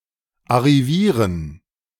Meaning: to succeed; to make it
- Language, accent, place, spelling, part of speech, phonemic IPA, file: German, Germany, Berlin, arrivieren, verb, /aʁiˈviːʁən/, De-arrivieren.ogg